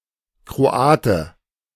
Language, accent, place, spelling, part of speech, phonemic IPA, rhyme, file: German, Germany, Berlin, Kroate, noun, /kʁoˈaːtə/, -aːtə, De-Kroate.ogg
- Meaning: Croat, Croatian (person of Croatian descent or from Croatia)